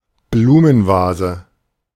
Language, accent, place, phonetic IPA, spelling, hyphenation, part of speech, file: German, Germany, Berlin, [ˈbluːmənˌvaːzə], Blumenvase, Blu‧men‧va‧se, noun, De-Blumenvase.ogg
- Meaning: flower vase